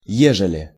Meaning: if, in case
- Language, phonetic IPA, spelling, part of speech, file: Russian, [ˈjeʐɨlʲɪ], ежели, conjunction, Ru-ежели.ogg